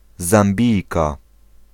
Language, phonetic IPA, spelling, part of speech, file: Polish, [zãmˈbʲijka], Zambijka, noun, Pl-Zambijka.ogg